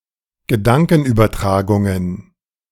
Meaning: plural of Gedankenübertragung
- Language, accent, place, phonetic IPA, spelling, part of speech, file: German, Germany, Berlin, [ɡəˈdaŋkn̩ʔyːbɐˌtʁaːɡʊŋən], Gedankenübertragungen, noun, De-Gedankenübertragungen.ogg